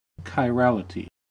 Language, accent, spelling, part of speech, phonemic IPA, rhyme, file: English, US, chirality, noun, /kaɪˈɹælɪti/, -ælɪti, En-us-chirality.ogg
- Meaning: The phenomenon, in chemistry, physics and mathematics, in which objects are mirror images of each other, but are otherwise identical; handedness